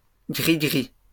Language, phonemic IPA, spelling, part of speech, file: French, /ɡʁi.ɡʁi/, grigris, noun, LL-Q150 (fra)-grigris.wav
- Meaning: plural of grigri